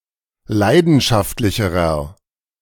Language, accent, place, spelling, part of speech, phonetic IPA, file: German, Germany, Berlin, leidenschaftlicherer, adjective, [ˈlaɪ̯dn̩ʃaftlɪçəʁɐ], De-leidenschaftlicherer.ogg
- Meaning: inflection of leidenschaftlich: 1. strong/mixed nominative masculine singular comparative degree 2. strong genitive/dative feminine singular comparative degree